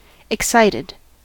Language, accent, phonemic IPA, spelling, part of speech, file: English, US, /ɪkˈsaɪ.tɪd/, excited, adjective / verb, En-us-excited.ogg
- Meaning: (adjective) 1. Having great enthusiasm, passion and energy 2. Being in a state of higher energy 3. Having an erection; erect 4. Sexually aroused; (verb) simple past and past participle of excite